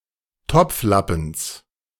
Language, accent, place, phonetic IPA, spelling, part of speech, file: German, Germany, Berlin, [ˈtɔp͡fˌlapn̩s], Topflappens, noun, De-Topflappens.ogg
- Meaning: genitive singular of Topflappen